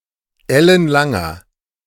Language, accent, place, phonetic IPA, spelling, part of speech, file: German, Germany, Berlin, [ˈɛlənˌlaŋɐ], ellenlanger, adjective, De-ellenlanger.ogg
- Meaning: inflection of ellenlang: 1. strong/mixed nominative masculine singular 2. strong genitive/dative feminine singular 3. strong genitive plural